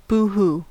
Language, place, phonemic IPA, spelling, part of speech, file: English, California, /ˌbuːˈhuː/, boo-hoo, interjection / verb, En-us-boo hoo.ogg
- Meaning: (interjection) 1. The sound of crying 2. It is not worth crying about; an expression of contempt; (verb) 1. To cry, weep 2. To complain, whine